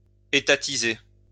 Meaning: to nationalize
- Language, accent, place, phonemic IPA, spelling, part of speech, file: French, France, Lyon, /e.ta.ti.ze/, étatiser, verb, LL-Q150 (fra)-étatiser.wav